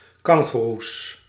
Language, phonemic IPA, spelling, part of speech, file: Dutch, /ˈkɑŋɣərus/, kangoeroes, noun, Nl-kangoeroes.ogg
- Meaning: plural of kangoeroe